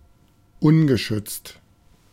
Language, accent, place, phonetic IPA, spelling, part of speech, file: German, Germany, Berlin, [ˈʊnɡəˌʃʏt͡st], ungeschützt, adjective, De-ungeschützt.ogg
- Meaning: unprotected